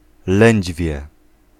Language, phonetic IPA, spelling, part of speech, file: Polish, [ˈlɛ̃ɲd͡ʑvʲjɛ], lędźwie, noun, Pl-lędźwie.ogg